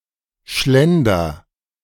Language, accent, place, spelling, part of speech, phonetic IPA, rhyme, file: German, Germany, Berlin, schlender, verb, [ˈʃlɛndɐ], -ɛndɐ, De-schlender.ogg
- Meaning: inflection of schlendern: 1. first-person singular present 2. singular imperative